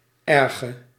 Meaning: inflection of erg: 1. masculine/feminine singular attributive 2. definite neuter singular attributive 3. plural attributive
- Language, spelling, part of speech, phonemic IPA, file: Dutch, erge, adjective, /ˈɛrɣə/, Nl-erge.ogg